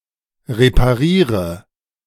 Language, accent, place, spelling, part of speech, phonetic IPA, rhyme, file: German, Germany, Berlin, repariere, verb, [ʁepaˈʁiːʁə], -iːʁə, De-repariere.ogg
- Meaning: inflection of reparieren: 1. first-person singular present 2. first/third-person singular subjunctive I 3. singular imperative